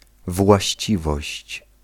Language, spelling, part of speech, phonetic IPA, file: Polish, właściwość, noun, [vwaɕˈt͡ɕivɔɕt͡ɕ], Pl-właściwość.ogg